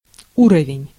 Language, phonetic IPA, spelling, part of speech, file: Russian, [ˈurəvʲɪnʲ], уровень, noun, Ru-уровень.ogg
- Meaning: 1. level, standard, amount 2. level, gauge 3. level, rate, degree 4. level, level gauge, spirit level, bubble level 5. a level 6. dignity